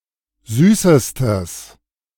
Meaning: strong/mixed nominative/accusative neuter singular superlative degree of süß
- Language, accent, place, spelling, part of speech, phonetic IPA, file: German, Germany, Berlin, süßestes, adjective, [ˈzyːsəstəs], De-süßestes.ogg